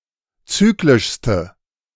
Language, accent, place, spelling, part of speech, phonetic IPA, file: German, Germany, Berlin, zyklischste, adjective, [ˈt͡syːklɪʃstə], De-zyklischste.ogg
- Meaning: inflection of zyklisch: 1. strong/mixed nominative/accusative feminine singular superlative degree 2. strong nominative/accusative plural superlative degree